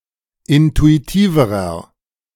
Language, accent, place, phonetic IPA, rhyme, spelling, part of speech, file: German, Germany, Berlin, [ˌɪntuiˈtiːvəʁɐ], -iːvəʁɐ, intuitiverer, adjective, De-intuitiverer.ogg
- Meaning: inflection of intuitiv: 1. strong/mixed nominative masculine singular comparative degree 2. strong genitive/dative feminine singular comparative degree 3. strong genitive plural comparative degree